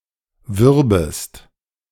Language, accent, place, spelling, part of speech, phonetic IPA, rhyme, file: German, Germany, Berlin, würbest, verb, [ˈvʏʁbəst], -ʏʁbəst, De-würbest.ogg
- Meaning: second-person singular subjunctive II of werben